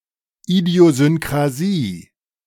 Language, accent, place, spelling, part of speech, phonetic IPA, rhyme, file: German, Germany, Berlin, Idiosynkrasie, noun, [ˌidi̯ozʏnkʁaˈziː], -iː, De-Idiosynkrasie.ogg
- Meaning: idiosyncrasy (individual reaction to a generally innocuous substance)